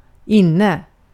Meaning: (adverb) inside, (sometimes) indoors; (adjective) in (currently in fashion)
- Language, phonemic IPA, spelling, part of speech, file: Swedish, /ˈinˌnɛ/, inne, adverb / adjective, Sv-inne.ogg